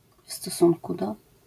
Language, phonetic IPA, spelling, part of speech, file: Polish, [f‿stɔˈsũnku ˈdɔ], w stosunku do, prepositional phrase, LL-Q809 (pol)-w stosunku do.wav